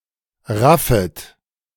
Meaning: second-person plural subjunctive I of raffen
- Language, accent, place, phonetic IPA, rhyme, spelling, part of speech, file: German, Germany, Berlin, [ˈʁafət], -afət, raffet, verb, De-raffet.ogg